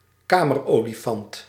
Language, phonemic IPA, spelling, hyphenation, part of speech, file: Dutch, /ˈkaː.mərˌoː.li.fɑnt/, kamerolifant, ka‧mer‧oli‧fant, noun, Nl-kamerolifant.ogg
- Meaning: land whale (insult for an overweight person)